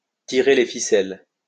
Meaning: to pull the strings, to be in control, to take the decisions; to be behind a conspiracy or scheme
- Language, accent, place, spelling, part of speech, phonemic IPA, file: French, France, Lyon, tirer les ficelles, verb, /ti.ʁe le fi.sɛl/, LL-Q150 (fra)-tirer les ficelles.wav